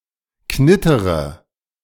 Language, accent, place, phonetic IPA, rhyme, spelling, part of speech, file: German, Germany, Berlin, [ˈknɪtəʁə], -ɪtəʁə, knittere, verb, De-knittere.ogg
- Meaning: inflection of knittern: 1. first-person singular present 2. first-person plural subjunctive I 3. third-person singular subjunctive I 4. singular imperative